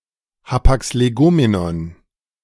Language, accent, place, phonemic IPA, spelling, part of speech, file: German, Germany, Berlin, /ˌhapaks leˈɡoːmenɔn/, Hapax Legomenon, noun, De-Hapax Legomenon.ogg
- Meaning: 1. hapax legomenon (a word occurring only once in a given corpus) 2. A concept, an idea of a genius